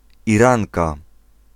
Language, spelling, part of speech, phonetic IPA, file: Polish, Iranka, noun, [iˈrãŋka], Pl-Iranka.ogg